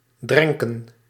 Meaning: to drench, to soak
- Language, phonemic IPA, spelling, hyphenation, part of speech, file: Dutch, /ˈdrɛŋkə(n)/, drenken, dren‧ken, verb, Nl-drenken.ogg